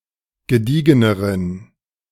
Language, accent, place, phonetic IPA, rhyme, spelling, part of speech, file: German, Germany, Berlin, [ɡəˈdiːɡənəʁən], -iːɡənəʁən, gediegeneren, adjective, De-gediegeneren.ogg
- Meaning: inflection of gediegen: 1. strong genitive masculine/neuter singular comparative degree 2. weak/mixed genitive/dative all-gender singular comparative degree